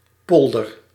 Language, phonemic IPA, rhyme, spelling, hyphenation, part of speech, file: Dutch, /ˈpɔl.dər/, -ɔldər, polder, pol‧der, noun, Nl-polder.ogg
- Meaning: polder (land reclaimed from a body of water and enclosed by dykes)